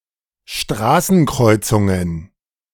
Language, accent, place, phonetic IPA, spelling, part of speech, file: German, Germany, Berlin, [ˈʃtʁaːsn̩ˌkʁɔɪ̯t͡sʊŋən], Straßenkreuzungen, noun, De-Straßenkreuzungen.ogg
- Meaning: plural of Straßenkreuzung